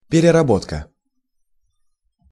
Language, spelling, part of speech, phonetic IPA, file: Russian, переработка, noun, [pʲɪrʲɪrɐˈbotkə], Ru-переработка.ogg
- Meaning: 1. processing, treatment 2. remaking, revision, revised version 3. overtime work